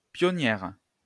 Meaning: female equivalent of pionnier
- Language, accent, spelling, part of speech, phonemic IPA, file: French, France, pionnière, noun, /pjɔ.njɛʁ/, LL-Q150 (fra)-pionnière.wav